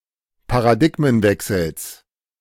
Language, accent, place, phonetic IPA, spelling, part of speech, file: German, Germany, Berlin, [paʁaˈdɪɡmənˌvɛksl̩s], Paradigmenwechsels, noun, De-Paradigmenwechsels.ogg
- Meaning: genitive singular of Paradigmenwechsel